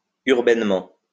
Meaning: urbanely
- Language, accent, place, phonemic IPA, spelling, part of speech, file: French, France, Lyon, /yʁ.bɛn.mɑ̃/, urbainement, adverb, LL-Q150 (fra)-urbainement.wav